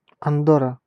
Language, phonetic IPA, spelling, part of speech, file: Russian, [ɐnˈdorə], Андорра, proper noun, Ru-Андорра.ogg
- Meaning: Andorra (a microstate in Southern Europe, between Spain and France)